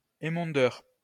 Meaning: pruner
- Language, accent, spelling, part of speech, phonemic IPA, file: French, France, émondeur, noun, /e.mɔ̃.dœʁ/, LL-Q150 (fra)-émondeur.wav